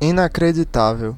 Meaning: unbelievable; incredible
- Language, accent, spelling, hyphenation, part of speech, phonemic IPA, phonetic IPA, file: Portuguese, Brazil, inacreditável, i‧na‧cre‧di‧tá‧vel, adjective, /i.na.kɾe.d͡ʒiˈta.vew/, [i.na.kɾe.d͡ʒiˈta.veʊ̯], Pt-br-inacreditável.ogg